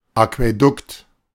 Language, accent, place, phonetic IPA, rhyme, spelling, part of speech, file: German, Germany, Berlin, [akvɛˈdʊkt], -ʊkt, Aquädukt, noun, De-Aquädukt.ogg
- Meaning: aqueduct